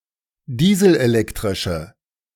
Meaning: inflection of dieselelektrisch: 1. strong/mixed nominative/accusative feminine singular 2. strong nominative/accusative plural 3. weak nominative all-gender singular
- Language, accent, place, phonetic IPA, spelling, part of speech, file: German, Germany, Berlin, [ˈdiːzl̩ʔeˌlɛktʁɪʃə], dieselelektrische, adjective, De-dieselelektrische.ogg